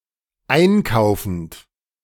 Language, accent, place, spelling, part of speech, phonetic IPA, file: German, Germany, Berlin, einkaufend, verb, [ˈaɪ̯nˌkaʊ̯fn̩t], De-einkaufend.ogg
- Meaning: present participle of einkaufen